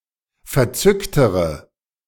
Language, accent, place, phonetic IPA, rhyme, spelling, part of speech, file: German, Germany, Berlin, [fɛɐ̯ˈt͡sʏktəʁə], -ʏktəʁə, verzücktere, adjective, De-verzücktere.ogg
- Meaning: inflection of verzückt: 1. strong/mixed nominative/accusative feminine singular comparative degree 2. strong nominative/accusative plural comparative degree